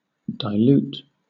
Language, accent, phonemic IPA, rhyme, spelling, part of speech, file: English, Southern England, /daɪˈljuːt/, -uːt, dilute, verb / adjective / noun, LL-Q1860 (eng)-dilute.wav
- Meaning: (verb) 1. To make thinner by adding solvent to a solution, especially by adding water 2. To weaken, especially by adding a foreign substance